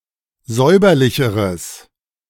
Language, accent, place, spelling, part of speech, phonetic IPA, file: German, Germany, Berlin, säuberlicheres, adjective, [ˈzɔɪ̯bɐlɪçəʁəs], De-säuberlicheres.ogg
- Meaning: strong/mixed nominative/accusative neuter singular comparative degree of säuberlich